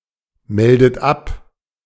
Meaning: inflection of abmelden: 1. third-person singular present 2. second-person plural present 3. second-person plural subjunctive I 4. plural imperative
- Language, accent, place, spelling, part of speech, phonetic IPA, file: German, Germany, Berlin, meldet ab, verb, [ˌmɛldət ˈap], De-meldet ab.ogg